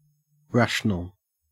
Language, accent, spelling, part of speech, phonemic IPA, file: English, Australia, rational, adjective / noun, /ˈɹæʃ(ə)nəl/, En-au-rational.ogg
- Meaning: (adjective) 1. Capable of reasoning 2. Capable of reasoning.: Behaving according to some partial order of preferences 3. Logically sound; not self-contradictory or otherwise absurd